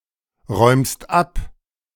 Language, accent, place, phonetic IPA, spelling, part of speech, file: German, Germany, Berlin, [ˌʁɔɪ̯mst ˈap], räumst ab, verb, De-räumst ab.ogg
- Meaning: second-person singular present of abräumen